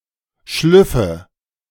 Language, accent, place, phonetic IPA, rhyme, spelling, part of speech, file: German, Germany, Berlin, [ˈʃlʏfə], -ʏfə, Schlüffe, noun, De-Schlüffe.ogg
- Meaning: nominative/accusative/genitive plural of Schluff